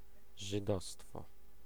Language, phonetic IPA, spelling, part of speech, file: Polish, [ʒɨˈdɔstfɔ], żydostwo, noun, Pl-żydostwo.ogg